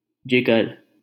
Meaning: 1. liver 2. heart 3. mind 4. spirit 5. courage 6. dear, darling (metaphorically)
- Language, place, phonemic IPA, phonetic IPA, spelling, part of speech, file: Hindi, Delhi, /d͡ʒɪ.ɡəɾ/, [d͡ʒɪ.ɡɐɾ], जिगर, noun, LL-Q1568 (hin)-जिगर.wav